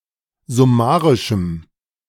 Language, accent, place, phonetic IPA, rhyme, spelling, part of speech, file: German, Germany, Berlin, [zʊˈmaːʁɪʃm̩], -aːʁɪʃm̩, summarischem, adjective, De-summarischem.ogg
- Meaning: strong dative masculine/neuter singular of summarisch